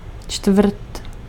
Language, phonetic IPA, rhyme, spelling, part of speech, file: Czech, [ˈt͡ʃtvr̩t], -r̩t, čtvrt, noun, Cs-čtvrt.ogg
- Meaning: quarter (one of four equal parts)